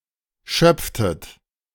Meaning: inflection of schöpfen: 1. second-person plural preterite 2. second-person plural subjunctive II
- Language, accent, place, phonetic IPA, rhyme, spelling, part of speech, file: German, Germany, Berlin, [ˈʃœp͡ftət], -œp͡ftət, schöpftet, verb, De-schöpftet.ogg